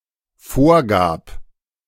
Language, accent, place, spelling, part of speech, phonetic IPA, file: German, Germany, Berlin, vorgab, verb, [ˈfoːɐ̯ˌɡaːp], De-vorgab.ogg
- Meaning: first/third-person singular dependent preterite of vorgeben